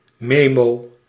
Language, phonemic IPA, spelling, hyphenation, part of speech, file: Dutch, /ˈmeː.moː/, memo, me‧mo, noun, Nl-memo.ogg
- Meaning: memo (reminder, short note)